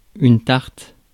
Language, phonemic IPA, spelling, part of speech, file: French, /taʁt/, tarte, noun / adjective, Fr-tarte.ogg
- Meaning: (noun) 1. pie, tart 2. slap 3. something easy to do (cf. English piece of cake and easy as pie) 4. stupid person, idiot; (adjective) 1. corny, hackneyed 2. stupid